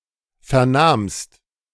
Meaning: second-person singular preterite of vernehmen
- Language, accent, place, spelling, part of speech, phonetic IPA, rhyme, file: German, Germany, Berlin, vernahmst, verb, [ˌfɛɐ̯ˈnaːmst], -aːmst, De-vernahmst.ogg